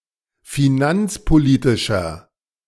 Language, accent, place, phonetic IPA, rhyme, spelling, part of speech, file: German, Germany, Berlin, [fiˈnant͡spoˌliːtɪʃɐ], -ant͡spoliːtɪʃɐ, finanzpolitischer, adjective, De-finanzpolitischer.ogg
- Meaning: inflection of finanzpolitisch: 1. strong/mixed nominative masculine singular 2. strong genitive/dative feminine singular 3. strong genitive plural